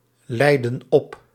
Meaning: inflection of opleiden: 1. plural present indicative 2. plural present subjunctive
- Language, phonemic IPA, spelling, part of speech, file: Dutch, /ˈlɛidə(n) ˈɔp/, leiden op, verb, Nl-leiden op.ogg